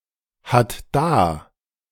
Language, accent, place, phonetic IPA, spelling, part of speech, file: German, Germany, Berlin, [ˌhat ˈdaː], hat da, verb, De-hat da.ogg
- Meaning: third-person singular present of dahaben